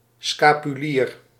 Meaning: 1. scapular (type of cape worn by regular clergy) 2. scapular (hallowed object made of cloth worn by laity)
- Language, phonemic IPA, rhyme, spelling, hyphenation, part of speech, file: Dutch, /ˌskaː.pyˈliːr/, -iːr, scapulier, sca‧pu‧lier, noun, Nl-scapulier.ogg